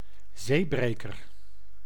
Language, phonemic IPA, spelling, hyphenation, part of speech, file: Dutch, /ˈzeːˌbreː.kər/, zeebreker, zee‧bre‧ker, noun, Nl-zeebreker.ogg
- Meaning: breakwater